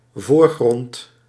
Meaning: foreground
- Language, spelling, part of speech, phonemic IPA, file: Dutch, voorgrond, noun, /ˈvoːrˌɣrɔnt/, Nl-voorgrond.ogg